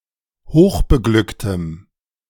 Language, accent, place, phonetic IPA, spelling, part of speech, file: German, Germany, Berlin, [ˈhoːxbəˌɡlʏktəm], hochbeglücktem, adjective, De-hochbeglücktem.ogg
- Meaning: strong dative masculine/neuter singular of hochbeglückt